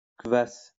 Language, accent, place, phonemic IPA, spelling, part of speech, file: French, France, Lyon, /kvas/, kvas, noun, LL-Q150 (fra)-kvas.wav
- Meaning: kvass (traditional Slavic drink)